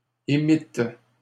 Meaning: second-person plural past historic of émettre
- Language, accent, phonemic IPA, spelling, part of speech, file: French, Canada, /e.mit/, émîtes, verb, LL-Q150 (fra)-émîtes.wav